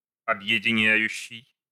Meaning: present active imperfective participle of объединя́ть (obʺjedinjátʹ)
- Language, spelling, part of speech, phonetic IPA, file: Russian, объединяющий, verb, [ɐbjɪdʲɪˈnʲæjʉɕːɪj], Ru-объединяющий.ogg